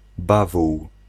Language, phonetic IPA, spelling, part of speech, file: Polish, [ˈbavuw], bawół, noun, Pl-bawół.ogg